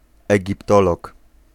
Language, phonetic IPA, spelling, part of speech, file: Polish, [ˌɛɟipˈtɔlɔk], egiptolog, noun, Pl-egiptolog.ogg